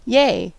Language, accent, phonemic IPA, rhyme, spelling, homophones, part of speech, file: English, US, /jeɪ/, -eɪ, yay, yea / Ye, interjection / adverb / noun, En-us-yay.ogg
- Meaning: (interjection) 1. An expression of happiness 2. Misspelling of yea; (adverb) Alternative spelling of yea; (noun) Cocaine (powder or crack)